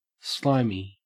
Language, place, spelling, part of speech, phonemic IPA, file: English, Queensland, slimy, adjective / noun, /ˈslɑe.mi/, En-au-slimy.ogg
- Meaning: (adjective) 1. Of or pertaining to slime 2. Resembling, of the nature of, covered or daubed with, or abounding in slime